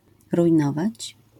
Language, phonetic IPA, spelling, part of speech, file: Polish, [rujˈnɔvat͡ɕ], rujnować, verb, LL-Q809 (pol)-rujnować.wav